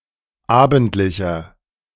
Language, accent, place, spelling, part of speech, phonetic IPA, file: German, Germany, Berlin, abendlicher, adjective, [ˈaːbn̩tlɪçɐ], De-abendlicher.ogg
- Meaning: inflection of abendlich: 1. strong/mixed nominative masculine singular 2. strong genitive/dative feminine singular 3. strong genitive plural